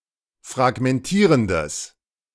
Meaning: strong/mixed nominative/accusative neuter singular of fragmentierend
- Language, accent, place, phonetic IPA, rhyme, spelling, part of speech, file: German, Germany, Berlin, [fʁaɡmɛnˈtiːʁəndəs], -iːʁəndəs, fragmentierendes, adjective, De-fragmentierendes.ogg